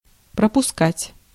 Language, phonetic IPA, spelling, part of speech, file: Russian, [prəpʊˈskatʲ], пропускать, verb, Ru-пропускать.ogg
- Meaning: 1. to let pass in, to let pass through, to admit 2. to run through, to pass through 3. to omit, to leave out 4. to miss, to fail to attend, to let slip